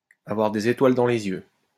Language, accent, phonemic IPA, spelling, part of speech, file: French, France, /a.vwaʁ de.z‿e.twal dɑ̃ le.z‿jø/, avoir des étoiles dans les yeux, verb, LL-Q150 (fra)-avoir des étoiles dans les yeux.wav
- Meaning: to have stars in one's eyes